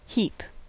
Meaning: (noun) 1. A crowd; a throng; a multitude or great number of people 2. A pile or mass; a collection of things laid in a body, or thrown together so as to form an elevation
- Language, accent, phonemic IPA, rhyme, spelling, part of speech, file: English, US, /hiːp/, -iːp, heap, noun / verb / adverb, En-us-heap.ogg